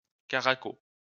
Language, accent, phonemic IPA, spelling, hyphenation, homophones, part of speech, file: French, France, /ka.ʁa.ko/, caraco, ca‧ra‧co, caracos, noun, LL-Q150 (fra)-caraco.wav
- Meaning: 1. loose blouse 2. undershirt, camisole